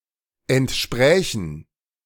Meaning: first/third-person plural subjunctive II of entsprechen
- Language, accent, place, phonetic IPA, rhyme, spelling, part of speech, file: German, Germany, Berlin, [ɛntˈʃpʁɛːçn̩], -ɛːçn̩, entsprächen, verb, De-entsprächen.ogg